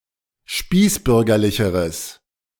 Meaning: strong/mixed nominative/accusative neuter singular comparative degree of spießbürgerlich
- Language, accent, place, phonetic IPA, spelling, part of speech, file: German, Germany, Berlin, [ˈʃpiːsˌbʏʁɡɐlɪçəʁəs], spießbürgerlicheres, adjective, De-spießbürgerlicheres.ogg